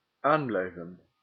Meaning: to remain in office
- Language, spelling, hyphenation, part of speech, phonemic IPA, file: Dutch, aanblijven, aan‧blij‧ven, verb, /ˈaːmblɛi̯və(n)/, Nl-aanblijven.ogg